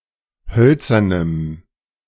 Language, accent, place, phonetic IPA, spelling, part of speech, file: German, Germany, Berlin, [ˈhœlt͡sɐnəm], hölzernem, adjective, De-hölzernem.ogg
- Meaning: strong dative masculine/neuter singular of hölzern